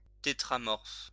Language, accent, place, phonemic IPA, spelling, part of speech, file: French, France, Lyon, /te.tʁa.mɔʁf/, tétramorphe, noun / adjective, LL-Q150 (fra)-tétramorphe.wav
- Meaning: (noun) tetramorph; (adjective) tetramorphic